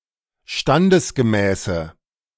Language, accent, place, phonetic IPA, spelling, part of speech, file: German, Germany, Berlin, [ˈʃtandəsɡəˌmɛːsə], standesgemäße, adjective, De-standesgemäße.ogg
- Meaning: inflection of standesgemäß: 1. strong/mixed nominative/accusative feminine singular 2. strong nominative/accusative plural 3. weak nominative all-gender singular